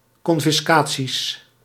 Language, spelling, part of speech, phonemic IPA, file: Dutch, confiscaties, noun, /kɔɱfɪsˈka(t)sis/, Nl-confiscaties.ogg
- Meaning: plural of confiscatie